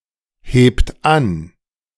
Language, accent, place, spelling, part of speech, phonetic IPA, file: German, Germany, Berlin, hebt an, verb, [ˌheːpt ˈan], De-hebt an.ogg
- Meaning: inflection of anheben: 1. third-person singular present 2. second-person plural present 3. plural imperative